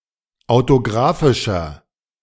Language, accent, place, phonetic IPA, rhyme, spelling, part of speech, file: German, Germany, Berlin, [aʊ̯toˈɡʁaːfɪʃɐ], -aːfɪʃɐ, autografischer, adjective, De-autografischer.ogg
- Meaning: inflection of autografisch: 1. strong/mixed nominative masculine singular 2. strong genitive/dative feminine singular 3. strong genitive plural